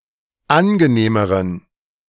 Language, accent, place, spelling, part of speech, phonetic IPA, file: German, Germany, Berlin, angenehmeren, adjective, [ˈanɡəˌneːməʁən], De-angenehmeren.ogg
- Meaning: inflection of angenehm: 1. strong genitive masculine/neuter singular comparative degree 2. weak/mixed genitive/dative all-gender singular comparative degree